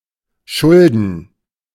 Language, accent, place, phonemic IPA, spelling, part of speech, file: German, Germany, Berlin, /ˈʃʊldn̩/, Schulden, noun, De-Schulden.ogg
- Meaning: 1. debt 2. faults